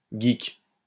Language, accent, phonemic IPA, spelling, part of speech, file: French, France, /ɡik/, geek, noun, LL-Q150 (fra)-geek.wav
- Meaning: geek (all senses)